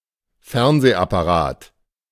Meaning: synonym of Fernseher (television set)
- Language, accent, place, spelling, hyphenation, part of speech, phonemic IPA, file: German, Germany, Berlin, Fernsehapparat, Fern‧seh‧ap‧pa‧rat, noun, /ˈfɛʁnzeːapaˈʁaːt/, De-Fernsehapparat.ogg